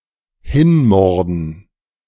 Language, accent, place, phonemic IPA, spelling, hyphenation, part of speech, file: German, Germany, Berlin, /ˈhɪnˌmɔʁdn̩/, hinmorden, hin‧mor‧den, verb, De-hinmorden.ogg
- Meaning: to massacre